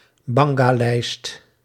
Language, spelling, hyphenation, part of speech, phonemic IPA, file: Dutch, bangalijst, ban‧ga‧lijst, noun, /ˈbɑŋ.ɡaːˌlɛi̯st/, Nl-bangalijst.ogg
- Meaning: a list of women who are considered to be easy sex partners